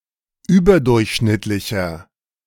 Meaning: 1. comparative degree of überdurchschnittlich 2. inflection of überdurchschnittlich: strong/mixed nominative masculine singular
- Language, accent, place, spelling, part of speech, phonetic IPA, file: German, Germany, Berlin, überdurchschnittlicher, adjective, [ˈyːbɐˌdʊʁçʃnɪtlɪçɐ], De-überdurchschnittlicher.ogg